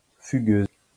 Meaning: feminine singular of fugueur
- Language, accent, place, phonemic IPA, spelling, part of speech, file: French, France, Lyon, /fy.ɡøz/, fugueuse, adjective, LL-Q150 (fra)-fugueuse.wav